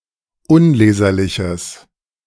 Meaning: strong/mixed nominative/accusative neuter singular of unleserlich
- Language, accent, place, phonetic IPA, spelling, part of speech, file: German, Germany, Berlin, [ˈʊnˌleːzɐlɪçəs], unleserliches, adjective, De-unleserliches.ogg